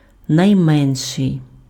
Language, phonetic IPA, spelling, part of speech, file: Ukrainian, [nɐi̯ˈmɛnʃei̯], найменший, adjective, Uk-найменший.ogg
- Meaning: superlative degree of мали́й (malýj): smallest, least; youngest (of siblings)